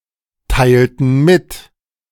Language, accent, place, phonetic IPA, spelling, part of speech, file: German, Germany, Berlin, [ˌtaɪ̯ltn̩ ˈmɪt], teilten mit, verb, De-teilten mit.ogg
- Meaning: inflection of mitteilen: 1. first/third-person plural preterite 2. first/third-person plural subjunctive II